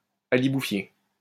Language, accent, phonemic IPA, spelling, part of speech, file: French, France, /a.li.bu.fje/, aliboufier, noun, LL-Q150 (fra)-aliboufier.wav
- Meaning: styrax (especially Styrax officinalis)